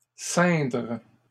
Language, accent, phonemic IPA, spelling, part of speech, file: French, Canada, /sɛ̃dʁ/, ceindre, verb, LL-Q150 (fra)-ceindre.wav
- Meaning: 1. to gird, put on (clothes, which fit around a part of the body) 2. to wrap round 3. to don (an item of ceremonious clothing)